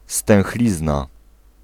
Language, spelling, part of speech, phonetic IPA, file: Polish, stęchlizna, noun, [stɛ̃w̃xˈlʲizna], Pl-stęchlizna.ogg